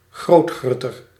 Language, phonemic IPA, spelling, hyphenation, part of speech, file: Dutch, /ˈɣroːtˌxrʏ.tər/, grootgrutter, groot‧grut‧ter, noun, Nl-grootgrutter.ogg
- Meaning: supermarket